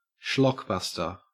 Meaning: A schlocky blockbuster; a film that is tasteless and inferior but still very successful
- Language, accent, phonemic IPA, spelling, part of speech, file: English, Australia, /ˈʃlɒkˌbʌstəɹ/, schlockbuster, noun, En-au-schlockbuster.ogg